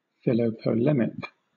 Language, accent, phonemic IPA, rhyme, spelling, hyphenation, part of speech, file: English, Southern England, /ˌfɪləʊpəˈlɛmɪk/, -ɛmɪk, philopolemic, phi‧lo‧po‧lem‧ic, adjective, LL-Q1860 (eng)-philopolemic.wav
- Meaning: 1. Exalting or supporting conflict or war 2. Fond of polemics or controversy